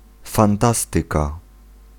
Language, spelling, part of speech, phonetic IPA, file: Polish, fantastyka, noun, [fãnˈtastɨka], Pl-fantastyka.ogg